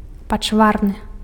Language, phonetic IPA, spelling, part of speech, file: Belarusian, [pat͡ʂˈvarnɨ], пачварны, adjective, Be-пачварны.ogg
- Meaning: ugly